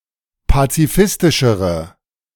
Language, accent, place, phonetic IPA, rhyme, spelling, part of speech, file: German, Germany, Berlin, [pat͡siˈfɪstɪʃəʁə], -ɪstɪʃəʁə, pazifistischere, adjective, De-pazifistischere.ogg
- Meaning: inflection of pazifistisch: 1. strong/mixed nominative/accusative feminine singular comparative degree 2. strong nominative/accusative plural comparative degree